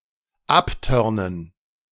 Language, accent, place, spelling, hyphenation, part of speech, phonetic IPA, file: German, Germany, Berlin, abtörnen, ab‧tör‧nen, verb, [ˈapˌtœʁnən], De-abtörnen.ogg
- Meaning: to turn off, to repulse